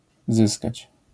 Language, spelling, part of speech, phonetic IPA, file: Polish, zyskać, verb, [ˈzɨskat͡ɕ], LL-Q809 (pol)-zyskać.wav